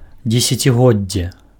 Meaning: decade (period of ten years)
- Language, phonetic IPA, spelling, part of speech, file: Belarusian, [d͡zʲesʲat͡sʲiˈɣod͡zʲːe], дзесяцігоддзе, noun, Be-дзесяцігоддзе.ogg